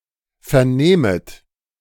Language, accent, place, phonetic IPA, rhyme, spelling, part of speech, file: German, Germany, Berlin, [fɛɐ̯ˈneːmət], -eːmət, vernehmet, verb, De-vernehmet.ogg
- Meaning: second-person plural subjunctive I of vernehmen